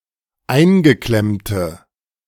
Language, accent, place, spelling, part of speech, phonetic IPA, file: German, Germany, Berlin, eingeklemmte, adjective, [ˈaɪ̯nɡəˌklɛmtə], De-eingeklemmte.ogg
- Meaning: inflection of eingeklemmt: 1. strong/mixed nominative/accusative feminine singular 2. strong nominative/accusative plural 3. weak nominative all-gender singular